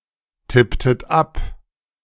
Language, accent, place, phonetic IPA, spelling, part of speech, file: German, Germany, Berlin, [ˌtɪptət ˈap], tipptet ab, verb, De-tipptet ab.ogg
- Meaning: inflection of abtippen: 1. second-person plural preterite 2. second-person plural subjunctive II